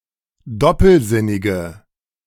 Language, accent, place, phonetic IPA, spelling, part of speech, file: German, Germany, Berlin, [ˈdɔpl̩ˌzɪnɪɡə], doppelsinnige, adjective, De-doppelsinnige.ogg
- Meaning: inflection of doppelsinnig: 1. strong/mixed nominative/accusative feminine singular 2. strong nominative/accusative plural 3. weak nominative all-gender singular